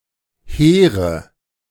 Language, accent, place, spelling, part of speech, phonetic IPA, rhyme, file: German, Germany, Berlin, Heere, noun, [ˈheːʁə], -eːʁə, De-Heere.ogg
- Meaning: nominative/accusative/genitive plural of Heer